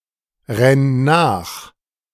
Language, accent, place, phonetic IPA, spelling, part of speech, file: German, Germany, Berlin, [ˌʁɛn ˈnaːx], renn nach, verb, De-renn nach.ogg
- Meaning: singular imperative of nachrennen